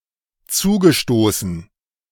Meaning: past participle of zustoßen
- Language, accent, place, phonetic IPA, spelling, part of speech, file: German, Germany, Berlin, [ˈt͡suːɡəˌʃtoːsn̩], zugestoßen, verb, De-zugestoßen.ogg